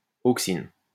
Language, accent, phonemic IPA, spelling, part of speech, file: French, France, /ok.sin/, auxine, noun, LL-Q150 (fra)-auxine.wav
- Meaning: auxin